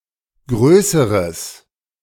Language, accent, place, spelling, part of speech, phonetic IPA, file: German, Germany, Berlin, größeres, adjective, [ˈɡʁøːsəʁəs], De-größeres.ogg
- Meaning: strong/mixed nominative/accusative neuter singular comparative degree of groß